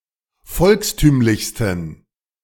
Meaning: 1. superlative degree of volkstümlich 2. inflection of volkstümlich: strong genitive masculine/neuter singular superlative degree
- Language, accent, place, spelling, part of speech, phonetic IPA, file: German, Germany, Berlin, volkstümlichsten, adjective, [ˈfɔlksˌtyːmlɪçstn̩], De-volkstümlichsten.ogg